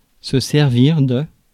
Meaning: 1. to serve (to help in a shop; to bring a meal to someone) 2. to be used for 3. to be useful, to be of use, come in handy 4. to serve (start a point with service)
- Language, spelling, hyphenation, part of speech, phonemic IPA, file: French, servir, ser‧vir, verb, /sɛʁ.viʁ/, Fr-servir.ogg